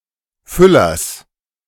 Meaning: genitive singular of Füller
- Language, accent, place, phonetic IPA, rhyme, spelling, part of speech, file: German, Germany, Berlin, [ˈfʏlɐs], -ʏlɐs, Füllers, noun, De-Füllers.ogg